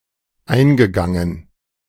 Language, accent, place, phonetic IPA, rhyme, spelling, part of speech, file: German, Germany, Berlin, [ˈaɪ̯nɡəˌɡaŋən], -aɪ̯nɡəɡaŋən, eingegangen, verb, De-eingegangen.ogg
- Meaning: past participle of eingehen